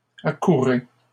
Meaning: inflection of accourir: 1. second-person plural present indicative 2. second-person plural imperative
- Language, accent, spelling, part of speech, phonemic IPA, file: French, Canada, accourez, verb, /a.ku.ʁe/, LL-Q150 (fra)-accourez.wav